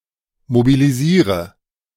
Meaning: inflection of mobilisieren: 1. first-person singular present 2. first/third-person singular subjunctive I 3. singular imperative
- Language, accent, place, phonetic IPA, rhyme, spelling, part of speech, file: German, Germany, Berlin, [mobiliˈziːʁə], -iːʁə, mobilisiere, verb, De-mobilisiere.ogg